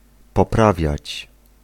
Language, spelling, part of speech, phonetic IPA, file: Polish, poprawiać, verb, [pɔˈpravʲjät͡ɕ], Pl-poprawiać.ogg